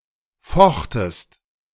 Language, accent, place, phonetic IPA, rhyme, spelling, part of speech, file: German, Germany, Berlin, [ˈfɔxtəst], -ɔxtəst, fochtest, verb, De-fochtest.ogg
- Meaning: second-person singular preterite of fechten